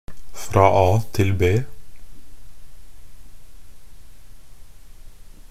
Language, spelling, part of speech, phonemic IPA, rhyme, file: Norwegian Bokmål, fra A til B, phrase, /frɑː ɑː tɪl beː/, -eː, Nb-fra a til b.ogg
- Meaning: 1. from A to B, (from one point to the next; from the beginning of a trip to the end.) 2. signifying a short (time) distance